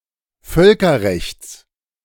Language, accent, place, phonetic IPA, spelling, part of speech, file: German, Germany, Berlin, [ˈfœlkɐˌʁɛçt͡s], Völkerrechts, noun, De-Völkerrechts.ogg
- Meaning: genitive singular of Völkerrecht